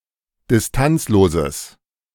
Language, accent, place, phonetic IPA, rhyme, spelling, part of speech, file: German, Germany, Berlin, [dɪsˈtant͡sloːzəs], -ant͡sloːzəs, distanzloses, adjective, De-distanzloses.ogg
- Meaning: strong/mixed nominative/accusative neuter singular of distanzlos